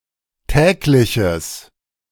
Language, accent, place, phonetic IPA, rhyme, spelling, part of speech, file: German, Germany, Berlin, [ˈtɛːklɪçəs], -ɛːklɪçəs, tägliches, adjective, De-tägliches.ogg
- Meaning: strong/mixed nominative/accusative neuter singular of täglich